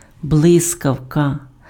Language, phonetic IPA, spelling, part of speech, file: Ukrainian, [ˈbɫɪskɐu̯kɐ], блискавка, noun, Uk-блискавка.ogg
- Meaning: 1. lightning 2. zipper, zip, zip fastener 3. express telegram